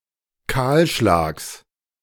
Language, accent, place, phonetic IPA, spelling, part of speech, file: German, Germany, Berlin, [ˈkaːlˌʃlaːks], Kahlschlags, noun, De-Kahlschlags.ogg
- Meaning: genitive singular of Kahlschlag